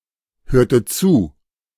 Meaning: inflection of zuhören: 1. first/third-person singular preterite 2. first/third-person singular subjunctive II
- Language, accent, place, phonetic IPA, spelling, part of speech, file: German, Germany, Berlin, [ˌhøːɐ̯tə ˈt͡suː], hörte zu, verb, De-hörte zu.ogg